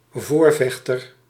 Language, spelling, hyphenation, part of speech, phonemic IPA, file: Dutch, voorvechter, voor‧vech‧ter, noun, /ˈvorvɛxtər/, Nl-voorvechter.ogg
- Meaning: champion (defender of a cause)